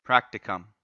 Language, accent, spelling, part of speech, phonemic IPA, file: English, US, practicum, noun, /ˈpɹæk.tɪ.kəm/, En-us-practicum.ogg
- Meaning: A college course designed to give a student supervised practical knowledge of a subject previously studied theoretically